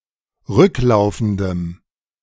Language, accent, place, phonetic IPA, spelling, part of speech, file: German, Germany, Berlin, [ˈʁʏkˌlaʊ̯fn̩dəm], rücklaufendem, adjective, De-rücklaufendem.ogg
- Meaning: strong dative masculine/neuter singular of rücklaufend